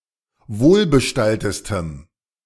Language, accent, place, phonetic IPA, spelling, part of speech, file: German, Germany, Berlin, [ˈvoːlbəˌʃtaltəstəm], wohlbestalltestem, adjective, De-wohlbestalltestem.ogg
- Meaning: strong dative masculine/neuter singular superlative degree of wohlbestallt